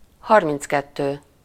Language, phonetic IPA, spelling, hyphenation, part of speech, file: Hungarian, [ˈhɒrmint͡skɛtːøː], harminckettő, har‧minc‧ket‧tő, numeral, Hu-harminckettő.ogg
- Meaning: thirty-two